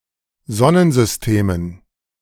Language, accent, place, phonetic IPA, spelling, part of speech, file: German, Germany, Berlin, [ˈzɔnənzʏsˌteːmən], Sonnensystemen, noun, De-Sonnensystemen.ogg
- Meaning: dative plural of Sonnensystem